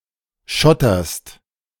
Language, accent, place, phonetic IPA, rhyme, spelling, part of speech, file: German, Germany, Berlin, [ˈʃɔtɐst], -ɔtɐst, schotterst, verb, De-schotterst.ogg
- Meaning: second-person singular present of schottern